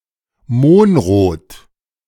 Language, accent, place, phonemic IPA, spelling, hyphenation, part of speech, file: German, Germany, Berlin, /ˈmoːnˌʁoːt/, mohnrot, mohn‧rot, adjective, De-mohnrot.ogg
- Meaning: poppy red